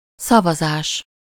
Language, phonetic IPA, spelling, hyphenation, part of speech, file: Hungarian, [ˈsɒvɒzaːʃ], szavazás, sza‧va‧zás, noun, Hu-szavazás.ogg
- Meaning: vote (formalised choice)